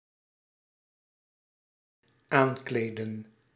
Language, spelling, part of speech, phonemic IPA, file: Dutch, aankleedden, verb, /ˈaɲkledə(n)/, Nl-aankleedden.ogg
- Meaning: inflection of aankleden: 1. plural dependent-clause past indicative 2. plural dependent-clause past subjunctive